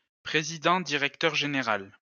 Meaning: managing director, chief executive officer
- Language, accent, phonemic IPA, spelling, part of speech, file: French, France, /pʁe.zi.dɑ̃.di.ʁɛk.tœʁ ʒe.ne.ʁal/, président-directeur général, noun, LL-Q150 (fra)-président-directeur général.wav